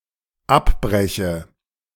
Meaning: inflection of abbrechen: 1. first-person singular dependent present 2. first/third-person singular dependent subjunctive I
- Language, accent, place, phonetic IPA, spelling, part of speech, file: German, Germany, Berlin, [ˈapˌbʁɛçə], abbreche, verb, De-abbreche.ogg